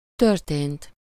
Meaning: 1. third-person singular past of történik 2. past participle of történik
- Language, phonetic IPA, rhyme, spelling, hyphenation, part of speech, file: Hungarian, [ˈtørteːnt], -eːnt, történt, tör‧tént, verb, Hu-történt.ogg